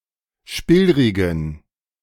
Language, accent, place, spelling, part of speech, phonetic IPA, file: German, Germany, Berlin, spillrigen, adjective, [ˈʃpɪlʁɪɡn̩], De-spillrigen.ogg
- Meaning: inflection of spillrig: 1. strong genitive masculine/neuter singular 2. weak/mixed genitive/dative all-gender singular 3. strong/weak/mixed accusative masculine singular 4. strong dative plural